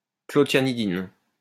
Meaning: clothianidin
- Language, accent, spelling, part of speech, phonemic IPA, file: French, France, clothianidine, noun, /klɔ.tja.ni.din/, LL-Q150 (fra)-clothianidine.wav